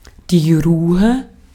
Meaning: 1. calm, relative quietness (absence of loud sounds) 2. calmness, serenity 3. rest, repose
- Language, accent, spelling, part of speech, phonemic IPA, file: German, Austria, Ruhe, noun, /ˈʁuːə/, De-at-Ruhe.ogg